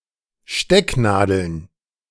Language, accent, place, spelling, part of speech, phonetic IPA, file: German, Germany, Berlin, Stecknadeln, noun, [ˈʃtɛkˌnaːdl̩n], De-Stecknadeln.ogg
- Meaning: plural of Stecknadel